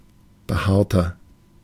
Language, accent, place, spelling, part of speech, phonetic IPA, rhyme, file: German, Germany, Berlin, behaarter, adjective, [bəˈhaːɐ̯tɐ], -aːɐ̯tɐ, De-behaarter.ogg
- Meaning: 1. comparative degree of behaart 2. inflection of behaart: strong/mixed nominative masculine singular 3. inflection of behaart: strong genitive/dative feminine singular